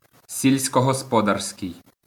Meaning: agricultural
- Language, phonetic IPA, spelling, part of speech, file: Ukrainian, [sʲilʲsʲkɔɦɔspɔˈdarsʲkei̯], сільськогосподарський, adjective, LL-Q8798 (ukr)-сільськогосподарський.wav